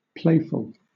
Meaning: 1. Enjoying play; sportive; prone to playing frequently, in the manner of a child or young pet (viz. puppy or kitten) 2. Funny; humorous; jesty; frolicsome; frisky 3. Fun; recreational; unserious
- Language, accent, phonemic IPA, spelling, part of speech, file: English, Southern England, /ˈpleɪfl̩/, playful, adjective, LL-Q1860 (eng)-playful.wav